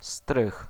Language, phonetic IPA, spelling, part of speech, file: Polish, [strɨx], strych, noun, Pl-strych.ogg